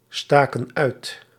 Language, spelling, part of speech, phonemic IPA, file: Dutch, staken uit, verb, /ˈstakə(n) ˈœyt/, Nl-staken uit.ogg
- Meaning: inflection of uitsteken: 1. plural past indicative 2. plural past subjunctive